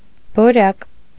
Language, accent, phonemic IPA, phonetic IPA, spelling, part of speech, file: Armenian, Eastern Armenian, /boˈɾɑk/, [boɾɑ́k], բորակ, noun, Hy-բորակ.ogg
- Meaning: 1. niter, saltpeter, potassium nitrate 2. borax